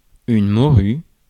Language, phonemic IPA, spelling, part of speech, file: French, /mɔ.ʁy/, morue, noun, Fr-morue.ogg
- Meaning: 1. cod 2. a whore; a broad 3. an ugly person; an oaf